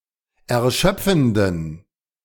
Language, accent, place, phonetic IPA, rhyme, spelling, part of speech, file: German, Germany, Berlin, [ɛɐ̯ˈʃœp͡fn̩dən], -œp͡fn̩dən, erschöpfenden, adjective, De-erschöpfenden.ogg
- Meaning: inflection of erschöpfend: 1. strong genitive masculine/neuter singular 2. weak/mixed genitive/dative all-gender singular 3. strong/weak/mixed accusative masculine singular 4. strong dative plural